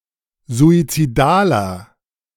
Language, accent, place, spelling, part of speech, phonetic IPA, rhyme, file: German, Germany, Berlin, suizidaler, adjective, [zuit͡siˈdaːlɐ], -aːlɐ, De-suizidaler.ogg
- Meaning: 1. comparative degree of suizidal 2. inflection of suizidal: strong/mixed nominative masculine singular 3. inflection of suizidal: strong genitive/dative feminine singular